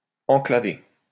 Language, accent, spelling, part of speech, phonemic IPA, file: French, France, enclaver, verb, /ɑ̃.kla.ve/, LL-Q150 (fra)-enclaver.wav
- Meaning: to shut in, to enclave